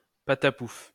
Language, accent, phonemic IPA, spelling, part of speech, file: French, France, /pa.ta.puf/, patapouf, noun / interjection, LL-Q150 (fra)-patapouf.wav
- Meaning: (noun) fatty; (interjection) splat!